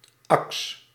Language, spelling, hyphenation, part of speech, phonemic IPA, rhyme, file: Dutch, aks, aks, noun, /ɑks/, -ɑks, Nl-aks.ogg
- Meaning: an axe, usually denoting a heavy axe